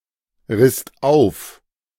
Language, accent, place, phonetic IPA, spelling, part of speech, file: German, Germany, Berlin, [ˌʁɪst ˈaʊ̯f], risst auf, verb, De-risst auf.ogg
- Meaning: second-person singular/plural preterite of aufreißen